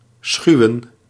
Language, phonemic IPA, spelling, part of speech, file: Dutch, /ˈsxyu̯ə(n)/, schuwen, verb, Nl-schuwen.ogg
- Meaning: to shun, eschew